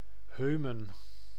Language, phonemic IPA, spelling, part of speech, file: Dutch, /ˈɦøː.mə(n)/, Heumen, proper noun, Nl-Heumen.ogg
- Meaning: Heumen (a village and municipality of Gelderland, Netherlands)